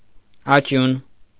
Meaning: 1. ashes, remains (of a human) 2. corpse, dead body 3. grave 4. ashes (remains of a fire)
- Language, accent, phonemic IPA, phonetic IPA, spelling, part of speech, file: Armenian, Eastern Armenian, /ɑˈt͡ʃjun/, [ɑt͡ʃjún], աճյուն, noun, Hy-աճյուն.ogg